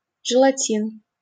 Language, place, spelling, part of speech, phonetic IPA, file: Russian, Saint Petersburg, желатин, noun, [ʐɨɫɐˈtʲin], LL-Q7737 (rus)-желатин.wav
- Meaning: gelatine (edible jelly)